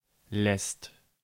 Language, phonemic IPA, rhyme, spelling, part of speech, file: German, /lɛst/, -ɛst, lässt, verb, De-lässt.ogg
- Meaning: second/third-person singular present of lassen